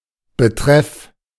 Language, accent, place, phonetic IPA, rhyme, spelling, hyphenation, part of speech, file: German, Germany, Berlin, [bəˈtʁɛf], -ɛf, Betreff, Be‧treff, noun, De-Betreff.ogg
- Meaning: subject, reference (of e-mails and letters)